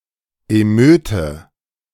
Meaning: riot
- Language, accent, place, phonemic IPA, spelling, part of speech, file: German, Germany, Berlin, /eˈmøːtə/, Emeute, noun, De-Emeute.ogg